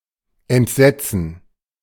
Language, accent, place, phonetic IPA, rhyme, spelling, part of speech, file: German, Germany, Berlin, [ɛntˈzɛt͡sn̩], -ɛt͡sn̩, Entsetzen, noun, De-Entsetzen.ogg
- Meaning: gerund of entsetzen; horror